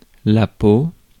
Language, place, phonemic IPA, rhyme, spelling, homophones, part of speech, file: French, Paris, /po/, -o, peau, peaux / pot, noun, Fr-peau.ogg
- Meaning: 1. skin of a person or animal 2. hide, fur 3. skin (protective outer layer of a plant or fruit) 4. skin formed on top of certain prepared foods